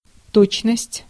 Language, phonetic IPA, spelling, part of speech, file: Russian, [ˈtot͡ɕnəsʲtʲ], точность, noun, Ru-точность.ogg
- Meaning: exactness, precision, accuracy, punctuality (the state of being exact)